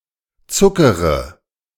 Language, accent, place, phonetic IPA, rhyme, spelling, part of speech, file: German, Germany, Berlin, [ˈt͡sʊkəʁə], -ʊkəʁə, zuckere, verb, De-zuckere.ogg
- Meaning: inflection of zuckern: 1. first-person singular present 2. first/third-person singular subjunctive I 3. singular imperative